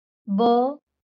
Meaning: The twenty-second consonant in Marathi
- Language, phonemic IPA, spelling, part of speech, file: Marathi, /bə/, ब, character, LL-Q1571 (mar)-ब.wav